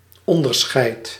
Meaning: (noun) difference; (verb) inflection of onderscheiden: 1. first-person singular present indicative 2. second-person singular present indicative 3. imperative
- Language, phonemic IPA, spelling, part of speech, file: Dutch, /ˌɔndərˈsxɛi̯t/, onderscheid, noun / verb, Nl-onderscheid.ogg